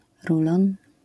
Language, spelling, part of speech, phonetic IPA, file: Polish, rulon, noun, [ˈrulɔ̃n], LL-Q809 (pol)-rulon.wav